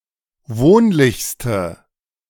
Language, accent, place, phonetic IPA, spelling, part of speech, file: German, Germany, Berlin, [ˈvoːnlɪçstə], wohnlichste, adjective, De-wohnlichste.ogg
- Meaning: inflection of wohnlich: 1. strong/mixed nominative/accusative feminine singular superlative degree 2. strong nominative/accusative plural superlative degree